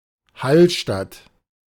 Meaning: a municipality of Upper Austria, Austria
- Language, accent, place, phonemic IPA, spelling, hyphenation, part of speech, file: German, Germany, Berlin, /ˈhalˌʃtat/, Hallstatt, Hall‧statt, proper noun, De-Hallstatt.ogg